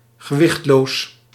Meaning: weightless
- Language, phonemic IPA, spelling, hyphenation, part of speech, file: Dutch, /ɣəˈʋɪxt.loːs/, gewichtloos, ge‧wicht‧loos, adjective, Nl-gewichtloos.ogg